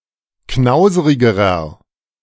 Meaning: inflection of knauserig: 1. strong/mixed nominative masculine singular comparative degree 2. strong genitive/dative feminine singular comparative degree 3. strong genitive plural comparative degree
- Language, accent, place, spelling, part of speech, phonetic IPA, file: German, Germany, Berlin, knauserigerer, adjective, [ˈknaʊ̯zəʁɪɡəʁɐ], De-knauserigerer.ogg